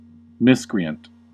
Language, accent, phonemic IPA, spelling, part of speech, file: English, US, /ˈmɪs.kɹi.ənt/, miscreant, adjective / noun, En-us-miscreant.ogg
- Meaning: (adjective) 1. Lacking in conscience or moral principles; unscrupulous 2. Holding an incorrect religious belief; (noun) One who has behaved badly, or illegally